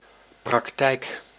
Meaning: practice: 1. application of theory 2. doing(s) of something 3. place where a professional service is provided, such as a general practice
- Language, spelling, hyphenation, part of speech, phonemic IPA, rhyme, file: Dutch, praktijk, prak‧tijk, noun, /prɑkˈtɛi̯k/, -ɛi̯k, Nl-praktijk.ogg